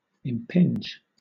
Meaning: 1. To make a physical impact on 2. To interfere with 3. To have an effect upon, especially a negative one
- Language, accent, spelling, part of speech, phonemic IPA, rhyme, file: English, Southern England, impinge, verb, /ɪmˈpɪnd͡ʒ/, -ɪndʒ, LL-Q1860 (eng)-impinge.wav